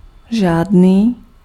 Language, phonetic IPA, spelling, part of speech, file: Czech, [ˈʒaːdniː], žádný, pronoun, Cs-žádný.ogg
- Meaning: 1. none, no (not any) 2. no (no proper, no true)